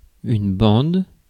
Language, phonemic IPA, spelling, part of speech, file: French, /bɑ̃d/, bande, noun / verb, Fr-bande.ogg
- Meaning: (noun) 1. band, strip 2. stripe 3. strip (e.g. magnetic strip) 4. cushion 5. bend 6. soundtrack 7. band, group, gang, troupe (of people, etc) 8. pack (of wolves)